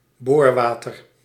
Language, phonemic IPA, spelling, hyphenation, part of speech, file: Dutch, /ˈboːrˌʋaː.tər/, boorwater, boor‧wa‧ter, noun, Nl-boorwater.ogg
- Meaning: boric acid solution